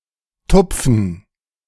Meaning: to dab (to touch repeatedly with a soft, often moist, object)
- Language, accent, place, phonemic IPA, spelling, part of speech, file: German, Germany, Berlin, /ˈtʊpfən/, tupfen, verb, De-tupfen.ogg